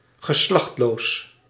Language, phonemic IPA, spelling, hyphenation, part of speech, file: Dutch, /ɣəˈslɑxtˌloːs/, geslachtloos, ge‧slacht‧loos, adjective, Nl-geslachtloos.ogg
- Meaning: 1. asexual, sexless (with biological sex) 2. genderless